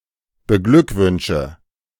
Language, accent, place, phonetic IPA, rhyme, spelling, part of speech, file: German, Germany, Berlin, [bəˈɡlʏkˌvʏnʃə], -ʏkvʏnʃə, beglückwünsche, verb, De-beglückwünsche.ogg
- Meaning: inflection of beglückwünschen: 1. first-person singular present 2. singular imperative 3. first/third-person singular subjunctive I